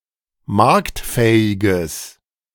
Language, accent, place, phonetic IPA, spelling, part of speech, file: German, Germany, Berlin, [ˈmaʁktˌfɛːɪɡəs], marktfähiges, adjective, De-marktfähiges.ogg
- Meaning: strong/mixed nominative/accusative neuter singular of marktfähig